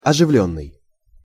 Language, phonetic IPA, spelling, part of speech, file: Russian, [ɐʐɨˈvlʲɵnːɨj], оживлённый, verb / adjective, Ru-оживлённый.ogg
- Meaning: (verb) past passive perfective participle of оживи́ть (oživítʹ); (adjective) excited, animated (experiencing excitement, animation, or liveliness; of a person)